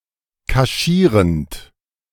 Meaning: present participle of kaschieren
- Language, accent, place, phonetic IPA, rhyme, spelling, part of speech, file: German, Germany, Berlin, [kaˈʃiːʁənt], -iːʁənt, kaschierend, verb, De-kaschierend.ogg